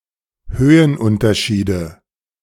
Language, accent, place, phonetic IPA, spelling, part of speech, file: German, Germany, Berlin, [ˈhøːənˌʔʊntɐʃiːdə], Höhenunterschiede, noun, De-Höhenunterschiede.ogg
- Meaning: nominative/accusative/genitive plural of Höhenunterschied